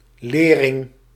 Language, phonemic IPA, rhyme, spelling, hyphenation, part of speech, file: Dutch, /ˈleː.rɪŋ/, -eːrɪŋ, lering, le‧ring, noun, Nl-lering.ogg
- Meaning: 1. education, instruction 2. lesson (something learnt)